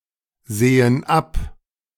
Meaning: inflection of absehen: 1. first/third-person plural present 2. first/third-person plural subjunctive I
- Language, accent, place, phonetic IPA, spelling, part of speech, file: German, Germany, Berlin, [ˌzeːən ˈap], sehen ab, verb, De-sehen ab.ogg